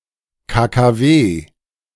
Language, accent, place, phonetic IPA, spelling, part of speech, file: German, Germany, Berlin, [kaːkaːˈveː], KKW, noun, De-KKW.ogg
- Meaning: abbreviation of Kernkraftwerk